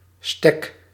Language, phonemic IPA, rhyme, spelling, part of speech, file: Dutch, /stɛk/, -ɛk, stek, noun, Nl-stek.ogg
- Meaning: 1. spot, place, home 2. cutting, a leaf, stem, branch, or root removed from a plant and cultivated to grow a new plant 3. alternative form of stok